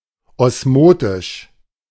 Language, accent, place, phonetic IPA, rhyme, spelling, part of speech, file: German, Germany, Berlin, [ˌɔsˈmoːtɪʃ], -oːtɪʃ, osmotisch, adjective, De-osmotisch.ogg
- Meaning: osmotic